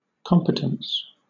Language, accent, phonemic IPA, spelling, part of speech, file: English, Southern England, /ˈkɒm.pə.təns/, competence, noun, LL-Q1860 (eng)-competence.wav
- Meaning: The quality or state of being competent, i.e. able or suitable for a general role